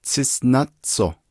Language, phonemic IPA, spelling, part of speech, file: Navajo, /t͡sʰɪ́sʔnɑ́t͡sʰòh/, tsísʼnátsoh, noun, Nv-tsísʼnátsoh.ogg
- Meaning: bumblebee